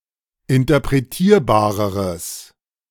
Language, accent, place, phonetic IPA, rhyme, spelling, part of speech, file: German, Germany, Berlin, [ɪntɐpʁeˈtiːɐ̯baːʁəʁəs], -iːɐ̯baːʁəʁəs, interpretierbareres, adjective, De-interpretierbareres.ogg
- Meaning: strong/mixed nominative/accusative neuter singular comparative degree of interpretierbar